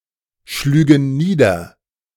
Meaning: first-person plural subjunctive II of niederschlagen
- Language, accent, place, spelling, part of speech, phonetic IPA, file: German, Germany, Berlin, schlügen nieder, verb, [ˈ ʃlyːɡŋˌniːdɐ], De-schlügen nieder.ogg